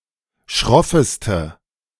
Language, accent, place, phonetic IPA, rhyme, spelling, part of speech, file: German, Germany, Berlin, [ˈʃʁɪltət], -ɪltət, schrilltet, verb, De-schrilltet.ogg
- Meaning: inflection of schrillen: 1. second-person plural preterite 2. second-person plural subjunctive II